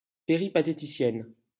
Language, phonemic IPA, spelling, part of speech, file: French, /pe.ʁi.pa.te.ti.sjɛn/, péripatéticienne, adjective / noun, LL-Q150 (fra)-péripatéticienne.wav
- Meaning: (adjective) feminine singular of péripatéticien; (noun) streetwalker, lady of the night